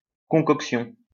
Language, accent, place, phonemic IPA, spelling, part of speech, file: French, France, Lyon, /kɔ̃.kɔk.sjɔ̃/, concoction, noun, LL-Q150 (fra)-concoction.wav
- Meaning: concoction (mixture)